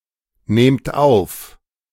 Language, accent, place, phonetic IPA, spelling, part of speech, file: German, Germany, Berlin, [ˌneːmt ˈaʊ̯f], nehmt auf, verb, De-nehmt auf.ogg
- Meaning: inflection of aufnehmen: 1. second-person plural present 2. plural imperative